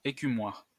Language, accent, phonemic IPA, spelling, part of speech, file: French, France, /e.ky.mwaʁ/, écumoire, noun, LL-Q150 (fra)-écumoire.wav
- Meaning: slotted spoon, skimmer, skimming ladle